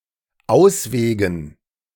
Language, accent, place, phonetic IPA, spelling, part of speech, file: German, Germany, Berlin, [ˈaʊ̯sˌveːɡn̩], Auswegen, noun, De-Auswegen.ogg
- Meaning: dative plural of Ausweg